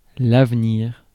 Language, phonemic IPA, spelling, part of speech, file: French, /av.niʁ/, avenir, noun, Fr-avenir.ogg
- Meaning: future